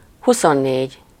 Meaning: twenty-four
- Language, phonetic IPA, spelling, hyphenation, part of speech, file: Hungarian, [ˈhusonːeːɟ], huszonnégy, hu‧szon‧négy, numeral, Hu-huszonnégy.ogg